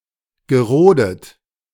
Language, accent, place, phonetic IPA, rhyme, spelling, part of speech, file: German, Germany, Berlin, [ɡəˈʁoːdət], -oːdət, gerodet, verb, De-gerodet.ogg
- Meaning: past participle of roden